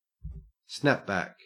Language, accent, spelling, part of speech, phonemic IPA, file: English, Australia, snapback, noun, /ˈsnæpˌbæk/, En-au-snapback.ogg
- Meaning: 1. The reimposition of an earlier and usually higher tariff 2. The reimposition of previous sanctions 3. An adjustable, flat-brimmed baseball cap with snap fasteners on the back